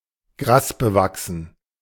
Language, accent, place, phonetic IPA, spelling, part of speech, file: German, Germany, Berlin, [ˈɡʁaːsbəˌvaksn̩], grasbewachsen, adjective, De-grasbewachsen.ogg
- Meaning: grassy (overgrown with grass)